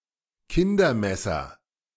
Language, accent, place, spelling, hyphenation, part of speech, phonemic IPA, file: German, Germany, Berlin, Kindermesser, Kin‧der‧mes‧ser, noun, /ˈkɪndɐˌmɛsɐ/, De-Kindermesser.ogg
- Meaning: A kitchen knife specifically designed to be used by children